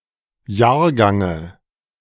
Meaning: dative singular of Jahrgang
- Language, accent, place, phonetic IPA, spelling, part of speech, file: German, Germany, Berlin, [ˈjaːɐ̯ˌɡaŋə], Jahrgange, noun, De-Jahrgange.ogg